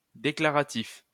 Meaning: declarative
- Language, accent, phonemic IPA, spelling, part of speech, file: French, France, /de.kla.ʁa.tif/, déclaratif, adjective, LL-Q150 (fra)-déclaratif.wav